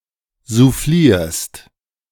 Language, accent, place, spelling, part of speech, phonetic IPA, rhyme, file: German, Germany, Berlin, soufflierst, verb, [zuˈfliːɐ̯st], -iːɐ̯st, De-soufflierst.ogg
- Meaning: second-person singular present of soufflieren